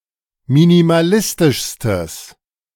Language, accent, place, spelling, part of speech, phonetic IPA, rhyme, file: German, Germany, Berlin, minimalistischstes, adjective, [minimaˈlɪstɪʃstəs], -ɪstɪʃstəs, De-minimalistischstes.ogg
- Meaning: strong/mixed nominative/accusative neuter singular superlative degree of minimalistisch